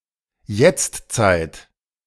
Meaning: present time
- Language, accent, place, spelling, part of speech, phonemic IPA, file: German, Germany, Berlin, Jetztzeit, noun, /ˈjɛt͡stˌt͡saɪ̯t/, De-Jetztzeit.ogg